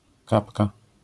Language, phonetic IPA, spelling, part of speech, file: Polish, [ˈkapka], kapka, noun, LL-Q809 (pol)-kapka.wav